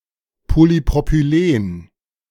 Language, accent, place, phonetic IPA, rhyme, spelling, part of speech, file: German, Germany, Berlin, [polipʁopyˈleːn], -eːn, Polypropylen, noun, De-Polypropylen.ogg
- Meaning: polypropylene